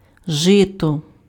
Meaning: rye
- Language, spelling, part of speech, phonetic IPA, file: Ukrainian, жито, noun, [ˈʒɪtɔ], Uk-жито.ogg